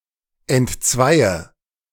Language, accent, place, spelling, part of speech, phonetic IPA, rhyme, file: German, Germany, Berlin, entzweie, verb, [ɛntˈt͡svaɪ̯ə], -aɪ̯ə, De-entzweie.ogg
- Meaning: inflection of entzweien: 1. first-person singular present 2. singular imperative 3. first/third-person singular subjunctive I